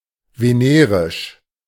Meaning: venereal
- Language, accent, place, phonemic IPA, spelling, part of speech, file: German, Germany, Berlin, /veˈneːʁɪʃ/, venerisch, adjective, De-venerisch.ogg